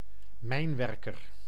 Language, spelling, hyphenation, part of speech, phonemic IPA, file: Dutch, mijnwerker, mijn‧wer‧ker, noun, /ˈmɛi̯n.ʋɛr.kər/, Nl-mijnwerker.ogg
- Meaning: a miner, a laborer in mining